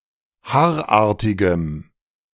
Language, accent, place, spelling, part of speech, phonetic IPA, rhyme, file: German, Germany, Berlin, haarartigem, adjective, [ˈhaːɐ̯ˌʔaːɐ̯tɪɡəm], -aːɐ̯ʔaːɐ̯tɪɡəm, De-haarartigem.ogg
- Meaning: strong dative masculine/neuter singular of haarartig